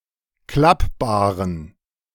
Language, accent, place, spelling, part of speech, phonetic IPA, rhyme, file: German, Germany, Berlin, klappbaren, adjective, [ˈklapbaːʁən], -apbaːʁən, De-klappbaren.ogg
- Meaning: inflection of klappbar: 1. strong genitive masculine/neuter singular 2. weak/mixed genitive/dative all-gender singular 3. strong/weak/mixed accusative masculine singular 4. strong dative plural